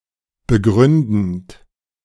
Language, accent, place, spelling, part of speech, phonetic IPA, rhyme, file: German, Germany, Berlin, begründend, verb, [bəˈɡʁʏndn̩t], -ʏndn̩t, De-begründend.ogg
- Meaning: present participle of begründen